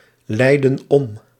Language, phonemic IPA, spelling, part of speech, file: Dutch, /ˈlɛidə(n) ˈɔm/, leidden om, verb, Nl-leidden om.ogg
- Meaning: inflection of omleiden: 1. plural past indicative 2. plural past subjunctive